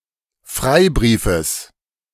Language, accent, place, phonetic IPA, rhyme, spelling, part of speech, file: German, Germany, Berlin, [ˈfʁaɪ̯ˌbʁiːfəs], -aɪ̯bʁiːfəs, Freibriefes, noun, De-Freibriefes.ogg
- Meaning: genitive singular of Freibrief